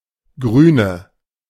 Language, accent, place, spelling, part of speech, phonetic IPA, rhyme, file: German, Germany, Berlin, Grüne, noun, [ˈɡʁyːnə], -yːnə, De-Grüne.ogg
- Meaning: 1. greenness 2. female equivalent of Grüner: female green (member of an environmentalist party), female environmentalist 3. inflection of Grüner: strong nominative/accusative plural